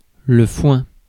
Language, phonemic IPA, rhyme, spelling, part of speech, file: French, /fwɛ̃/, -wɛ̃, foin, noun / interjection, Fr-foin.ogg
- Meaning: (noun) hay; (interjection) Used to express disdain [with de ‘of someone/something’]